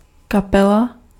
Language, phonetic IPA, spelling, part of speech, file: Czech, [ˈkapɛla], kapela, noun, Cs-kapela.ogg
- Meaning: band (group of musicians)